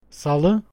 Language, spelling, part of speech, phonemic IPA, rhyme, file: Turkish, salı, noun, /saˈɫɯ/, -ɯ, Tr-salı.ogg
- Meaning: Tuesday